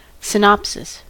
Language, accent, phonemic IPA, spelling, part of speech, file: English, US, /sɪˈnɑpsɪs/, synopsis, noun, En-us-synopsis.ogg
- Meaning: A brief summary of the major points of a written work, either as prose or as a table; an abridgment or condensation of a work